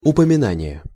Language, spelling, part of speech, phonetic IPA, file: Russian, упоминание, noun, [ʊpəmʲɪˈnanʲɪje], Ru-упоминание.ogg
- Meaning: mention, mentioning; allusion; reference